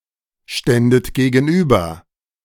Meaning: second-person plural subjunctive II of gegenüberstehen
- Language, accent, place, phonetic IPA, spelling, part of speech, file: German, Germany, Berlin, [ˌʃtɛndət ɡeːɡn̩ˈʔyːbɐ], ständet gegenüber, verb, De-ständet gegenüber.ogg